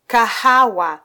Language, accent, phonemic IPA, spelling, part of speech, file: Swahili, Kenya, /kɑˈhɑ.wɑ/, kahawa, noun, Sw-ke-kahawa.flac
- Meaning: coffee (drink)